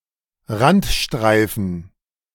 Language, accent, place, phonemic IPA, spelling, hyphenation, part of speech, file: German, Germany, Berlin, /ˈʁantˌʃtʁaɪ̯fn̩/, Randstreifen, Rand‧strei‧fen, noun, De-Randstreifen.ogg
- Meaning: 1. margin strip, marginal strip 2. shoulder, verge 3. a small strip between verge (Bankett) and lane (Fahrstreifen) or verge and shoulder (Seitenstreifen)